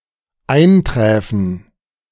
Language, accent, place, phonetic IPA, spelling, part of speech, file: German, Germany, Berlin, [ˈaɪ̯nˌtʁɛːfn̩], einträfen, verb, De-einträfen.ogg
- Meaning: first/third-person plural dependent subjunctive II of eintreffen